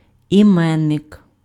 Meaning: 1. noun 2. jeweller's mark
- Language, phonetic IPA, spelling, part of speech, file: Ukrainian, [iˈmɛnːek], іменник, noun, Uk-іменник.ogg